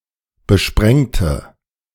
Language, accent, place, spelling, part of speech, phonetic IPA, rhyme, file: German, Germany, Berlin, besprengte, adjective / verb, [bəˈʃpʁɛŋtə], -ɛŋtə, De-besprengte.ogg
- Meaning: inflection of besprengen: 1. first/third-person singular preterite 2. first/third-person singular subjunctive II